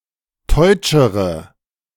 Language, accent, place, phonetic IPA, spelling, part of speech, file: German, Germany, Berlin, [ˈtɔɪ̯t͡ʃəʁə], teutschere, adjective, De-teutschere.ogg
- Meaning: inflection of teutsch: 1. strong/mixed nominative/accusative feminine singular comparative degree 2. strong nominative/accusative plural comparative degree